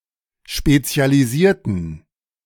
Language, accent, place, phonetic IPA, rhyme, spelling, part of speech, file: German, Germany, Berlin, [ˌʃpet͡si̯aliˈziːɐ̯tn̩], -iːɐ̯tn̩, spezialisierten, adjective / verb, De-spezialisierten.ogg
- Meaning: inflection of spezialisieren: 1. first/third-person plural preterite 2. first/third-person plural subjunctive II